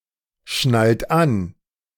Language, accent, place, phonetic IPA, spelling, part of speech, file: German, Germany, Berlin, [ˌʃnalt ˈan], schnallt an, verb, De-schnallt an.ogg
- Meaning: inflection of anschnallen: 1. third-person singular present 2. second-person plural present 3. plural imperative